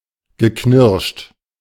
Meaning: past participle of knirschen
- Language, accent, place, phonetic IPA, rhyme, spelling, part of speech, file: German, Germany, Berlin, [ɡəˈknɪʁʃt], -ɪʁʃt, geknirscht, verb, De-geknirscht.ogg